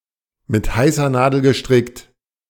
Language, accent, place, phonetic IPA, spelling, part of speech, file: German, Germany, Berlin, [mɪt ˈhaɪ̯sɐ ˈnaːdl̩ ɡəˈʃtʁɪkt], mit heißer Nadel gestrickt, phrase, De-mit heißer Nadel gestrickt.ogg
- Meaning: made in a hurry